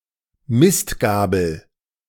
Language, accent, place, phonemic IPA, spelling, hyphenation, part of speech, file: German, Germany, Berlin, /ˈmɪstˌɡaːbl̩/, Mistgabel, Mist‧ga‧bel, noun, De-Mistgabel.ogg
- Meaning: pitchfork (farm tool with tines)